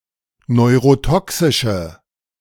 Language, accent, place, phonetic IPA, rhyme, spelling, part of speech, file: German, Germany, Berlin, [nɔɪ̯ʁoˈtɔksɪʃə], -ɔksɪʃə, neurotoxische, adjective, De-neurotoxische.ogg
- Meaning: inflection of neurotoxisch: 1. strong/mixed nominative/accusative feminine singular 2. strong nominative/accusative plural 3. weak nominative all-gender singular